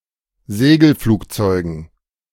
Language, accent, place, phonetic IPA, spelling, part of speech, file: German, Germany, Berlin, [ˈzeːɡl̩ˌfluːkt͡sɔɪ̯ɡn̩], Segelflugzeugen, noun, De-Segelflugzeugen.ogg
- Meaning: dative plural of Segelflugzeug